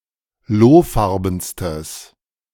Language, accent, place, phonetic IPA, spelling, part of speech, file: German, Germany, Berlin, [ˈloːˌfaʁbn̩stəs], lohfarbenstes, adjective, De-lohfarbenstes.ogg
- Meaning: strong/mixed nominative/accusative neuter singular superlative degree of lohfarben